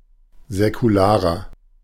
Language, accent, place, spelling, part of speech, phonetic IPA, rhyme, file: German, Germany, Berlin, säkularer, adjective, [zɛkuˈlaːʁɐ], -aːʁɐ, De-säkularer.ogg
- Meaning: 1. comparative degree of säkular 2. inflection of säkular: strong/mixed nominative masculine singular 3. inflection of säkular: strong genitive/dative feminine singular